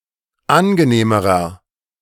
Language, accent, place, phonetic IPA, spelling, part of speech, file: German, Germany, Berlin, [ˈanɡəˌneːməʁɐ], angenehmerer, adjective, De-angenehmerer.ogg
- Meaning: inflection of angenehm: 1. strong/mixed nominative masculine singular comparative degree 2. strong genitive/dative feminine singular comparative degree 3. strong genitive plural comparative degree